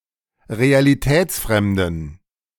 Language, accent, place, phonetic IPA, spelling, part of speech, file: German, Germany, Berlin, [ʁealiˈtɛːt͡sˌfʁɛmdn̩], realitätsfremden, adjective, De-realitätsfremden.ogg
- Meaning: inflection of realitätsfremd: 1. strong genitive masculine/neuter singular 2. weak/mixed genitive/dative all-gender singular 3. strong/weak/mixed accusative masculine singular 4. strong dative plural